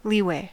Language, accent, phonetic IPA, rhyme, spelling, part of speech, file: English, US, [ˈliːˌweɪ], -iːweɪ, leeway, noun, En-us-leeway.ogg
- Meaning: 1. The drift of a ship or aeroplane in a leeward direction 2. A varying degree or amount of freedom or flexibility